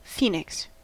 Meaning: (proper noun) A mythical firebird; especially the sacred one from ancient Egyptian mythology
- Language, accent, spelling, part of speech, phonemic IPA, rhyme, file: English, US, Phoenix, proper noun / noun, /ˈfiːnɪks/, -iːnɪks, En-us-Phoenix.ogg